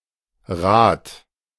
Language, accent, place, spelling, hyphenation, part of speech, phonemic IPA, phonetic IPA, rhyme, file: German, Germany, Berlin, Rat, Rat, noun, /raːt/, [ʁaːt], -aːt, De-Rat.ogg
- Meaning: 1. advice, counsel 2. council 3. councilor, councillor 4. title of a Beamter ("Public servant") at the beginning of the senior service